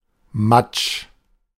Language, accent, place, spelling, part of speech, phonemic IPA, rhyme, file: German, Germany, Berlin, Matsch, noun, /mat͡ʃ/, -at͡ʃ, De-Matsch.ogg
- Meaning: 1. mud 2. slush 3. mush